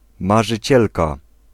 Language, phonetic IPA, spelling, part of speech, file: Polish, [ˌmaʒɨˈt͡ɕɛlka], marzycielka, noun, Pl-marzycielka.ogg